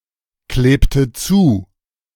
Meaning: inflection of zukleben: 1. first/third-person singular preterite 2. first/third-person singular subjunctive II
- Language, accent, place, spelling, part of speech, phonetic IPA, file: German, Germany, Berlin, klebte zu, verb, [ˌkleːptə ˈt͡suː], De-klebte zu.ogg